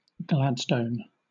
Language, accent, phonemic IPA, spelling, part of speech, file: English, Southern England, /ˈɡlædstən/, Gladstone, proper noun / noun, LL-Q1860 (eng)-Gladstone.wav
- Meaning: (proper noun) 1. A Scottish habitational surname from Old English 2. A Scottish habitational surname from Old English.: William Ewart Gladstone, British Prime Minister